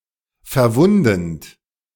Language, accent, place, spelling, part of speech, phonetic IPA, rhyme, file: German, Germany, Berlin, verwundend, verb, [fɛɐ̯ˈvʊndn̩t], -ʊndn̩t, De-verwundend.ogg
- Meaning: present participle of verwunden